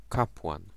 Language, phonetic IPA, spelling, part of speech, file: Polish, [ˈkapwãn], kapłan, noun, Pl-kapłan.ogg